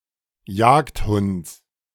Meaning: genitive singular of Jagdhund
- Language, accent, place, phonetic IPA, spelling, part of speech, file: German, Germany, Berlin, [ˈjaːktˌhʊnt͡s], Jagdhunds, noun, De-Jagdhunds.ogg